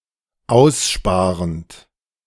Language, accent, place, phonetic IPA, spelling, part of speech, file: German, Germany, Berlin, [ˈaʊ̯sˌʃpaːʁənt], aussparend, verb, De-aussparend.ogg
- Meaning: present participle of aussparen